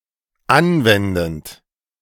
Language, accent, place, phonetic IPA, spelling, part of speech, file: German, Germany, Berlin, [ˈanˌvɛndn̩t], anwendend, verb, De-anwendend.ogg
- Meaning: present participle of anwenden